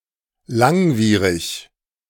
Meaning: 1. lengthy, protracted, prolonged 2. lingering
- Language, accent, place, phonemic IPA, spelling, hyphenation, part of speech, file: German, Germany, Berlin, /ˈlaŋˌviːʁɪç/, langwierig, lang‧wie‧rig, adjective, De-langwierig.ogg